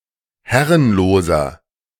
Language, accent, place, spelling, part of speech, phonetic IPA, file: German, Germany, Berlin, herrenloser, adjective, [ˈhɛʁənloːzɐ], De-herrenloser.ogg
- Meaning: inflection of herrenlos: 1. strong/mixed nominative masculine singular 2. strong genitive/dative feminine singular 3. strong genitive plural